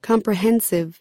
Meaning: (adjective) Broadly or completely covering; including a large proportion of something; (noun) A comprehensive school
- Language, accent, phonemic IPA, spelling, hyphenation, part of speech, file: English, US, /ˌkɑm.pɹəˈhɛn.sɪv/, comprehensive, com‧pre‧hen‧sive, adjective / noun, En-us-comprehensive.ogg